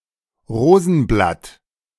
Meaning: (noun) 1. rose petal 2. rose leaf; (proper noun) a surname
- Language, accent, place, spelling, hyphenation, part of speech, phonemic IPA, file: German, Germany, Berlin, Rosenblatt, Ro‧sen‧blatt, noun / proper noun, /ˈʁoːzn̩ˌblat/, De-Rosenblatt.ogg